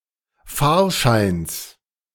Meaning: genitive singular of Fahrschein
- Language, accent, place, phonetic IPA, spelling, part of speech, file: German, Germany, Berlin, [ˈfaːɐ̯ˌʃaɪ̯ns], Fahrscheins, noun, De-Fahrscheins.ogg